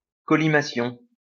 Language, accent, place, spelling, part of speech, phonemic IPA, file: French, France, Lyon, collimation, noun, /kɔ.li.ma.sjɔ̃/, LL-Q150 (fra)-collimation.wav
- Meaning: collimation